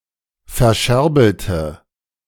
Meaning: inflection of verscherbeln: 1. first/third-person singular preterite 2. first/third-person singular subjunctive II
- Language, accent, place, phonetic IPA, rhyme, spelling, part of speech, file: German, Germany, Berlin, [fɛɐ̯ˈʃɛʁbl̩tə], -ɛʁbl̩tə, verscherbelte, adjective / verb, De-verscherbelte.ogg